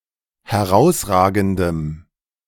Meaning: strong dative masculine/neuter singular of herausragend
- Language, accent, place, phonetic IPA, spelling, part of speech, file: German, Germany, Berlin, [hɛˈʁaʊ̯sˌʁaːɡn̩dəm], herausragendem, adjective, De-herausragendem.ogg